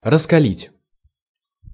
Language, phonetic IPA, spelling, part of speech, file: Russian, [rəskɐˈlʲitʲ], раскалить, verb, Ru-раскалить.ogg
- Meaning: to make burning hot, to bring to a great heat, to incandesce